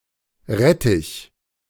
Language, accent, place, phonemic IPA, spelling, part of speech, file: German, Germany, Berlin, /ˈʁɛtɪç/, Rettich, noun, De-Rettich.ogg
- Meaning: radish, a plant of the Raphanus genus